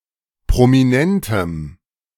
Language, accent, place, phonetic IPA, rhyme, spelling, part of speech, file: German, Germany, Berlin, [pʁomiˈnɛntəm], -ɛntəm, prominentem, adjective, De-prominentem.ogg
- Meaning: strong dative masculine/neuter singular of prominent